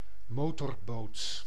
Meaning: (noun) motorboat; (verb) inflection of motorboten: 1. first/second/third-person singular present indicative 2. imperative
- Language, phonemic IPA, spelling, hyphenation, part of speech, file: Dutch, /ˈmoː.tɔrˌboːt/, motorboot, mo‧tor‧boot, noun / verb, Nl-motorboot.ogg